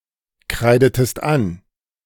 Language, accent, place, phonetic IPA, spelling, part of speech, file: German, Germany, Berlin, [ˌkʁaɪ̯dətəst ˈan], kreidetest an, verb, De-kreidetest an.ogg
- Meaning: inflection of ankreiden: 1. second-person singular preterite 2. second-person singular subjunctive II